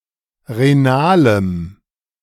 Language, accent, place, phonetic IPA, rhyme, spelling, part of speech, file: German, Germany, Berlin, [ʁeˈnaːləm], -aːləm, renalem, adjective, De-renalem.ogg
- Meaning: strong dative masculine/neuter singular of renal